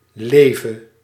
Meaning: singular present subjunctive of leven
- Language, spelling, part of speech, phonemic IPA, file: Dutch, leve, verb, /ˈlevə/, Nl-leve.ogg